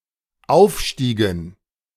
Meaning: inflection of aufsteigen: 1. first/third-person plural dependent preterite 2. first/third-person plural dependent subjunctive II
- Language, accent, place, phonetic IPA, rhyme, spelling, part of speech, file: German, Germany, Berlin, [ˈaʊ̯fˌʃtiːɡn̩], -aʊ̯fʃtiːɡn̩, aufstiegen, verb, De-aufstiegen.ogg